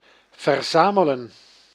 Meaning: to collect, to gather
- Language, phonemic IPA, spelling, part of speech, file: Dutch, /vərˈzaː.mə.lə(n)/, verzamelen, verb, Nl-verzamelen.ogg